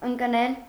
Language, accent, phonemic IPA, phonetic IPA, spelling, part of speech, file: Armenian, Eastern Armenian, /ənkˈnel/, [əŋknél], ընկնել, verb, Hy-ընկնել.ogg
- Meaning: 1. to fall 2. to fall, to, drop, to decrease 3. to be situated, to be; to lie 4. to fall on, to fall to 5. to fall, to be killed 6. to fall on